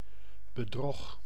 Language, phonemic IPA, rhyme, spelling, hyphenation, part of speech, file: Dutch, /bəˈdrɔx/, -ɔx, bedrog, be‧drog, noun, Nl-bedrog.ogg
- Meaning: deception, fraud